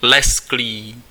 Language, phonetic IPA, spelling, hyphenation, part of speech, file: Czech, [ˈlɛskliː], lesklý, lesk‧lý, adjective, Cs-lesklý.ogg
- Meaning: glossy